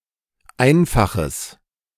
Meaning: strong/mixed nominative/accusative neuter singular of einfach
- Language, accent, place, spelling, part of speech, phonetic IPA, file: German, Germany, Berlin, einfaches, adjective, [ˈaɪ̯nfaxəs], De-einfaches.ogg